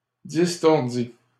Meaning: third-person singular past historic of distordre
- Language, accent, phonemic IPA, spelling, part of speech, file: French, Canada, /dis.tɔʁ.di/, distordit, verb, LL-Q150 (fra)-distordit.wav